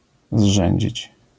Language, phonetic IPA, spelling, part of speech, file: Polish, [ˈzʒɛ̃ɲd͡ʑit͡ɕ], zrzędzić, verb, LL-Q809 (pol)-zrzędzić.wav